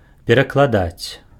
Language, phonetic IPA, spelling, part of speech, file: Belarusian, [pʲerakɫaˈdat͡sʲ], перакладаць, verb, Be-перакладаць.ogg
- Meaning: 1. to interpret 2. to translate